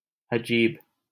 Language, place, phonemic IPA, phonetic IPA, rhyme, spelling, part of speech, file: Hindi, Delhi, /ə.d͡ʒiːb/, [ɐ.d͡ʒiːb], -iːb, अजीब, adjective, LL-Q1568 (hin)-अजीब.wav
- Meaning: 1. strange 2. foreign 3. peculiar 4. weird